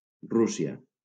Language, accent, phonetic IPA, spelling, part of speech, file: Catalan, Valencia, [ˈru.si.a], Rússia, proper noun, LL-Q7026 (cat)-Rússia.wav
- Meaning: Russia (a transcontinental country in Eastern Europe and North Asia)